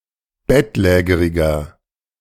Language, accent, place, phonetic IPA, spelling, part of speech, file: German, Germany, Berlin, [ˈbɛtˌlɛːɡəʁɪɡɐ], bettlägeriger, adjective, De-bettlägeriger.ogg
- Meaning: inflection of bettlägerig: 1. strong/mixed nominative masculine singular 2. strong genitive/dative feminine singular 3. strong genitive plural